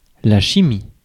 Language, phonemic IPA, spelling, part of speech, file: French, /ʃi.mi/, chimie, noun, Fr-chimie.ogg
- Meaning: chemistry (the science)